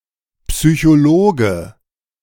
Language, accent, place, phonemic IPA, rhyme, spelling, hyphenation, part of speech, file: German, Germany, Berlin, /psyçoˈloːɡə/, -oːɡə, Psychologe, Psy‧cho‧lo‧ge, noun, De-Psychologe.ogg
- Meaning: psychologist (male or of unspecified gender)